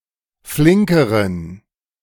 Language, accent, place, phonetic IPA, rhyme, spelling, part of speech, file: German, Germany, Berlin, [ˈflɪŋkəʁən], -ɪŋkəʁən, flinkeren, adjective, De-flinkeren.ogg
- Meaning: inflection of flink: 1. strong genitive masculine/neuter singular comparative degree 2. weak/mixed genitive/dative all-gender singular comparative degree